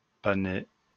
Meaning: parsnip
- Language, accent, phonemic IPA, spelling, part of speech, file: French, France, /pa.nɛ/, panais, noun, LL-Q150 (fra)-panais.wav